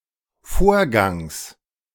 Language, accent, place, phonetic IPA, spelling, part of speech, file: German, Germany, Berlin, [ˈfoːɐ̯ˌɡaŋs], Vorgangs, noun, De-Vorgangs.ogg
- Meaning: genitive singular of Vorgang